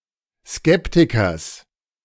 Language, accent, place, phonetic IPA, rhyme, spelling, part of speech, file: German, Germany, Berlin, [ˈskɛptɪkɐs], -ɛptɪkɐs, Skeptikers, noun, De-Skeptikers.ogg
- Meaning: genitive singular of Skeptiker